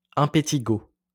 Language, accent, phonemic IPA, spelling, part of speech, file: French, France, /ɛ̃.pe.ti.ɡo/, impétigo, noun, LL-Q150 (fra)-impétigo.wav
- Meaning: impetigo